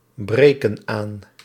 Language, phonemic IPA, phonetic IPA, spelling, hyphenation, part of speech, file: Dutch, /ˌbreː.kən ˈaːn/, [ˌbreɪ̯.kən ˈaːn], breken aan, bre‧ken aan, verb, Nl-breken aan.ogg
- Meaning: inflection of aanbreken: 1. plural present indicative 2. plural present subjunctive